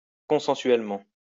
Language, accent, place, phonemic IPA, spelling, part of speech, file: French, France, Lyon, /kɔ̃.sɑ̃.sɥɛl.mɑ̃/, consensuellement, adverb, LL-Q150 (fra)-consensuellement.wav
- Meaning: consensually